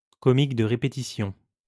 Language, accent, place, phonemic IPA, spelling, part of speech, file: French, France, Lyon, /kɔ.mik də ʁe.pe.ti.sjɔ̃/, comique de répétition, noun, LL-Q150 (fra)-comique de répétition.wav
- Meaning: type of humour based on running jokes and running gags